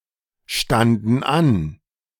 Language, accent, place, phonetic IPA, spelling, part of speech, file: German, Germany, Berlin, [ˌʃtandn̩ ˈan], standen an, verb, De-standen an.ogg
- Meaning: first/third-person plural preterite of anstehen